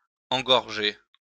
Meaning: to clog, clog up, congest
- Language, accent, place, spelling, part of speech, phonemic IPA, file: French, France, Lyon, engorger, verb, /ɑ̃.ɡɔʁ.ʒe/, LL-Q150 (fra)-engorger.wav